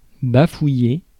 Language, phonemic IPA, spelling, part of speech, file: French, /ba.fu.je/, bafouiller, verb, Fr-bafouiller.ogg
- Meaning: to babble, splutter, stammer